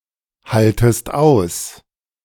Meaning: second-person singular subjunctive I of aushalten
- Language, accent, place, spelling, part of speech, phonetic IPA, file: German, Germany, Berlin, haltest aus, verb, [ˌhaltəst ˈaʊ̯s], De-haltest aus.ogg